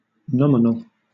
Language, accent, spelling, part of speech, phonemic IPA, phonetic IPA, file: English, Southern England, nominal, adjective / noun, /ˈnɒm.ɪ.nl̩/, [ˈnɒm.ɪ.nl̩], LL-Q1860 (eng)-nominal.wav
- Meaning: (adjective) 1. Of, resembling, relating to, or consisting of a name or names 2. Assigned to or bearing a person's name 3. Existing in name only 4. Of or relating to nominalism 5. Insignificantly small